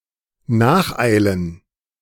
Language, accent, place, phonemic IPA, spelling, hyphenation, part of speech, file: German, Germany, Berlin, /ˈnaːxˌaɪ̯lən/, nacheilen, nach‧ei‧len, verb, De-nacheilen.ogg
- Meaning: to hurry after